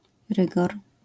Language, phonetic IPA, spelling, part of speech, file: Polish, [ˈrɨɡɔr], rygor, noun, LL-Q809 (pol)-rygor.wav